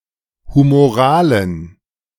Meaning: inflection of humoral: 1. strong genitive masculine/neuter singular 2. weak/mixed genitive/dative all-gender singular 3. strong/weak/mixed accusative masculine singular 4. strong dative plural
- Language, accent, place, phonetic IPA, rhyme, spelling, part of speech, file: German, Germany, Berlin, [humoˈʁaːlən], -aːlən, humoralen, adjective, De-humoralen.ogg